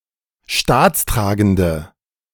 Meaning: inflection of staatstragend: 1. strong/mixed nominative/accusative feminine singular 2. strong nominative/accusative plural 3. weak nominative all-gender singular
- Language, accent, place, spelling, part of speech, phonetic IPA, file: German, Germany, Berlin, staatstragende, adjective, [ˈʃtaːt͡sˌtʁaːɡn̩də], De-staatstragende.ogg